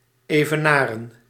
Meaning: to match, to equal or surpass in quality or achievement
- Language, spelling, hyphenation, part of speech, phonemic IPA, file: Dutch, evenaren, eve‧na‧ren, verb, /ˈeːvəˌnaːrə(n)/, Nl-evenaren.ogg